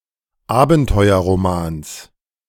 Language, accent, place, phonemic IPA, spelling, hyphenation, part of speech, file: German, Germany, Berlin, /ˈaːbn̩tɔɪ̯ɐʁoˌmaːns/, Abenteuerromans, Aben‧teu‧er‧ro‧mans, noun, De-Abenteuerromans.ogg
- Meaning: genitive of Abenteuerroman